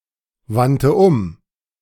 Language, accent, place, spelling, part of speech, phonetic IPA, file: German, Germany, Berlin, wandte um, verb, [ˌvantə ˈʊm], De-wandte um.ogg
- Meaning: first/third-person singular preterite of umwenden